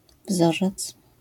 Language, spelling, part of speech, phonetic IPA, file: Polish, wzorzec, noun, [ˈvzɔʒɛt͡s], LL-Q809 (pol)-wzorzec.wav